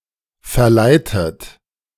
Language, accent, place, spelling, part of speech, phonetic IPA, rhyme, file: German, Germany, Berlin, verleitet, verb, [fɛɐ̯ˈlaɪ̯tət], -aɪ̯tət, De-verleitet.ogg
- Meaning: past participle of verleiten